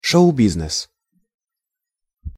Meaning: show business (the entertainment industry)
- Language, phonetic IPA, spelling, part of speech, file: Russian, [ˌʂoʊ ˈbʲiznɨs], шоу-бизнес, noun, Ru-шоу-бизнес.ogg